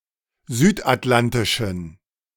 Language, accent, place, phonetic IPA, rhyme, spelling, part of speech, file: German, Germany, Berlin, [ˈzyːtʔatˌlantɪʃn̩], -antɪʃn̩, südatlantischen, adjective, De-südatlantischen.ogg
- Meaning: inflection of südatlantisch: 1. strong genitive masculine/neuter singular 2. weak/mixed genitive/dative all-gender singular 3. strong/weak/mixed accusative masculine singular 4. strong dative plural